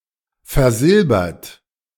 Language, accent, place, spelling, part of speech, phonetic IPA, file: German, Germany, Berlin, versilbert, adjective / verb, [fɛɐ̯ˈzɪlbɐt], De-versilbert.ogg
- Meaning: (verb) past participle of versilbern; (adjective) silverplated